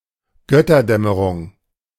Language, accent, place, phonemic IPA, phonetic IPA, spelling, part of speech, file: German, Germany, Berlin, /ˈɡœtərˌdɛmərʊŋ/, [ˈɡœ.tɐˌdɛ.mə.ʁʊŋ], Götterdämmerung, noun, De-Götterdämmerung.ogg
- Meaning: downfall of the gods, Götterdämmerung, Ragnarok